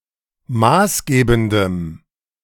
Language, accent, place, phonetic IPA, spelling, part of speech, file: German, Germany, Berlin, [ˈmaːsˌɡeːbn̩dəm], maßgebendem, adjective, De-maßgebendem.ogg
- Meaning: strong dative masculine/neuter singular of maßgebend